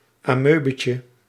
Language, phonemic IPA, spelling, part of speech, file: Dutch, /aˈmøbəcə/, amoebetje, noun, Nl-amoebetje.ogg
- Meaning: diminutive of amoebe